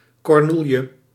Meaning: 1. A dogwood, cornel; any plant of the genus Cornus, particularly Cornus sanguinea and Cornus mas 2. A dogberry
- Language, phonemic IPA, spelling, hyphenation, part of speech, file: Dutch, /ˌkɔrˈnul.jə/, kornoelje, kor‧noel‧je, noun, Nl-kornoelje.ogg